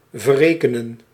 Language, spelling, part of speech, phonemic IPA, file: Dutch, verrekenen, verb, /vəˈrekənə(n)/, Nl-verrekenen.ogg
- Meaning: to offset, to settle (a debt or a payment)